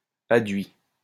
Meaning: adduct
- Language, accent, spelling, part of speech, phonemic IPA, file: French, France, adduit, noun, /a.dɥi/, LL-Q150 (fra)-adduit.wav